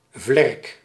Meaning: 1. wing 2. scoundrel
- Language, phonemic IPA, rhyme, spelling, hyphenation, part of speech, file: Dutch, /vlɛrk/, -ɛrk, vlerk, vlerk, noun, Nl-vlerk.ogg